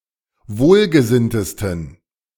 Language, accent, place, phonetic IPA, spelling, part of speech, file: German, Germany, Berlin, [ˈvoːlɡəˌzɪntəstn̩], wohlgesinntesten, adjective, De-wohlgesinntesten.ogg
- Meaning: 1. superlative degree of wohlgesinnt 2. inflection of wohlgesinnt: strong genitive masculine/neuter singular superlative degree